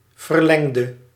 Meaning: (adjective) inflection of verlengd: 1. masculine/feminine singular attributive 2. definite neuter singular attributive 3. plural attributive; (verb) singular past indicative/subjunctive of verlengen
- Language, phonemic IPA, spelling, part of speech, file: Dutch, /vərˈlɛŋdə/, verlengde, verb, Nl-verlengde.ogg